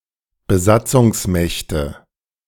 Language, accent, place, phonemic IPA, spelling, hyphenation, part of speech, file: German, Germany, Berlin, /bəˈzat͡sʊŋsˌmɛçtə/, Besatzungsmächte, Be‧sat‧zungs‧mäch‧te, noun, De-Besatzungsmächte.ogg
- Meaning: nominative/accusative/genitive plural of Besatzungsmacht